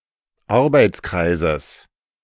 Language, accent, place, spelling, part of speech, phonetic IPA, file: German, Germany, Berlin, Arbeitskreises, noun, [ˈaʁbaɪ̯t͡sˌkʁaɪ̯zəs], De-Arbeitskreises.ogg
- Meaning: genitive singular of Arbeitskreis